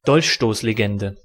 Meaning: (proper noun) stab-in-the-back myth (historical myth propagated in Germany after World War I); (noun) any denialist myth misattributing failure to internal betrayal
- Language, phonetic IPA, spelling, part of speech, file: German, [ˈdɔlçʃtoːsleˌɡɛndə], Dolchstoßlegende, proper noun / noun, De-Dolchstoßlegende.ogg